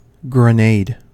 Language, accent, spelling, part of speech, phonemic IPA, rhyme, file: English, US, grenade, noun / verb, /ɡɹəˈneɪd/, -eɪd, En-us-grenade.ogg
- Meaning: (noun) 1. A small explosive device, designed to be thrown by hand or launched using a rifle, grenade launcher, or rocket 2. A pomegranate